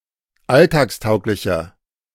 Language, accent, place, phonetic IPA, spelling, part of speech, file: German, Germany, Berlin, [ˈaltaːksˌtaʊ̯klɪçɐ], alltagstauglicher, adjective, De-alltagstauglicher.ogg
- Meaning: 1. comparative degree of alltagstauglich 2. inflection of alltagstauglich: strong/mixed nominative masculine singular 3. inflection of alltagstauglich: strong genitive/dative feminine singular